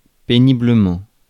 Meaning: 1. horribly; awfully 2. with great difficulty
- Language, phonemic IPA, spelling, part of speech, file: French, /pe.ni.blə.mɑ̃/, péniblement, adverb, Fr-péniblement.ogg